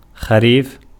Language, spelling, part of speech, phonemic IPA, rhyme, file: Arabic, خريف, noun, /xa.riːf/, -iːf, Ar-خريف.ogg
- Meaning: 1. autumn, fall 2. harvest 3. fresh ripe dates or fruit in general 4. a year, one complete agricultural cycle